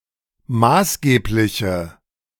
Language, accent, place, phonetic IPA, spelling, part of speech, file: German, Germany, Berlin, [ˈmaːsˌɡeːplɪçə], maßgebliche, adjective, De-maßgebliche.ogg
- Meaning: inflection of maßgeblich: 1. strong/mixed nominative/accusative feminine singular 2. strong nominative/accusative plural 3. weak nominative all-gender singular